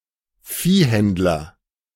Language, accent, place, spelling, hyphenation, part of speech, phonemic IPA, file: German, Germany, Berlin, Viehhändler, Vieh‧händ‧ler, noun, /ˈfiːˌhɛntlɐ/, De-Viehhändler.ogg
- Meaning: livestock dealer